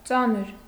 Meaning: 1. heavy 2. cumbersome, unwieldy 3. serious, grave; distressing, painful; excruciating; heavy, severe; hard, difficult, tough 4. difficult, tough 5. ponderous, heavy 6. turbid (for understanding)
- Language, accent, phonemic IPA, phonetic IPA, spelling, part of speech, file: Armenian, Eastern Armenian, /ˈt͡sɑnəɾ/, [t͡sɑ́nəɾ], ծանր, adjective, Hy-ծանր.ogg